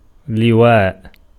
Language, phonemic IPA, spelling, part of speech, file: Arabic, /li.waːʔ/, لواء, noun, Ar-لواء.ogg
- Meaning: 1. banner, flag, standard 2. brigade 3. major general 4. province, district 5. wryneck